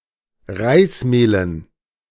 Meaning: dative plural of Reismehl
- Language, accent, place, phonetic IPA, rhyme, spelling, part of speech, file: German, Germany, Berlin, [ˈʁaɪ̯sˌmeːlən], -aɪ̯smeːlən, Reismehlen, noun, De-Reismehlen.ogg